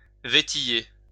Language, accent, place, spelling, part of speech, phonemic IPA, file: French, France, Lyon, vétiller, verb, /ve.ti.je/, LL-Q150 (fra)-vétiller.wav
- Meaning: to trifle (deal with unimportant things)